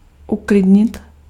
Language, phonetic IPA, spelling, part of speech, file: Czech, [ˈuklɪdɲɪt], uklidnit, verb, Cs-uklidnit.ogg
- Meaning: 1. to calm, to calm down 2. to calm down